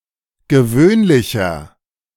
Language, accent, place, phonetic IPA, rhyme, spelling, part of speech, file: German, Germany, Berlin, [ɡəˈvøːnlɪçɐ], -øːnlɪçɐ, gewöhnlicher, adjective, De-gewöhnlicher.ogg
- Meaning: 1. comparative degree of gewöhnlich 2. inflection of gewöhnlich: strong/mixed nominative masculine singular 3. inflection of gewöhnlich: strong genitive/dative feminine singular